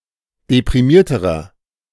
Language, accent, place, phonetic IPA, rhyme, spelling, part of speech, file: German, Germany, Berlin, [depʁiˈmiːɐ̯təʁɐ], -iːɐ̯təʁɐ, deprimierterer, adjective, De-deprimierterer.ogg
- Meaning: inflection of deprimiert: 1. strong/mixed nominative masculine singular comparative degree 2. strong genitive/dative feminine singular comparative degree 3. strong genitive plural comparative degree